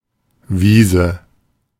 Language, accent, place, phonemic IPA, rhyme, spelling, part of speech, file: German, Germany, Berlin, /ˈviːzə/, -iːzə, Wiese, noun / proper noun, De-Wiese.ogg
- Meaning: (noun) 1. meadow 2. lawn, especially a large one, loosely also a smaller one; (proper noun) a tributary of the Rhine in Baden-Württemberg, Germany and Switzerland